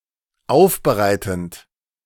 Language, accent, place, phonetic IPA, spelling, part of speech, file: German, Germany, Berlin, [ˈaʊ̯fbəˌʁaɪ̯tn̩t], aufbereitend, verb, De-aufbereitend.ogg
- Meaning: present participle of aufbereiten